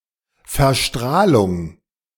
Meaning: contamination (with radiation)
- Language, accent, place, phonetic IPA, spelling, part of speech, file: German, Germany, Berlin, [fɛɐ̯ˈʃtʁaːlʊŋ], Verstrahlung, noun, De-Verstrahlung.ogg